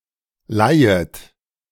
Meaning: second-person plural subjunctive I of leihen
- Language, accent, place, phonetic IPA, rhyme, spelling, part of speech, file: German, Germany, Berlin, [ˈlaɪ̯ət], -aɪ̯ət, leihet, verb, De-leihet.ogg